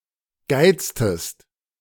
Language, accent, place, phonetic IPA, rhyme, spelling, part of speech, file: German, Germany, Berlin, [ˈɡaɪ̯t͡stəst], -aɪ̯t͡stəst, geiztest, verb, De-geiztest.ogg
- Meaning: inflection of geizen: 1. second-person singular preterite 2. second-person singular subjunctive II